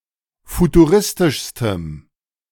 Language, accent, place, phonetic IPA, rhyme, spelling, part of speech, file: German, Germany, Berlin, [futuˈʁɪstɪʃstəm], -ɪstɪʃstəm, futuristischstem, adjective, De-futuristischstem.ogg
- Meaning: strong dative masculine/neuter singular superlative degree of futuristisch